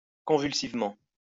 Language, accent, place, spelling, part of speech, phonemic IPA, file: French, France, Lyon, convulsivement, adverb, /kɔ̃.vyl.siv.mɑ̃/, LL-Q150 (fra)-convulsivement.wav
- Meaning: convulsively